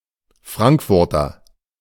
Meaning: 1. Frankfurter (native or inhabitant of the city of Frankfurt, state of Hesse, Germany) (usually male) 2. a Vienna sausage
- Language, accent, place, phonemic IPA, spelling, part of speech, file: German, Germany, Berlin, /ˈfʁaŋkfʊʁtɐ/, Frankfurter, noun, De-Frankfurter.ogg